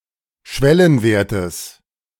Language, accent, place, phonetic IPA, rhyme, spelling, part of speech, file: German, Germany, Berlin, [ˈʃvɛlənˌveːɐ̯təs], -ɛlənveːɐ̯təs, Schwellenwertes, noun, De-Schwellenwertes.ogg
- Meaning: genitive singular of Schwellenwert